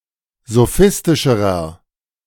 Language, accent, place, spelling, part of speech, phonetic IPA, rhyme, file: German, Germany, Berlin, sophistischerer, adjective, [zoˈfɪstɪʃəʁɐ], -ɪstɪʃəʁɐ, De-sophistischerer.ogg
- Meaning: inflection of sophistisch: 1. strong/mixed nominative masculine singular comparative degree 2. strong genitive/dative feminine singular comparative degree 3. strong genitive plural comparative degree